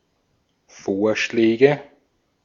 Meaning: nominative/accusative/genitive plural of Vorschlag
- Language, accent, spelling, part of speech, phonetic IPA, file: German, Austria, Vorschläge, noun, [ˈfoːɐ̯ʃlɛːɡə], De-at-Vorschläge.ogg